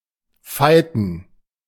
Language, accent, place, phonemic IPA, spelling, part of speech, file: German, Germany, Berlin, /ˈfaɪ̯tn̩/, fighten, verb, De-fighten.ogg
- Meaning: to fight ferociously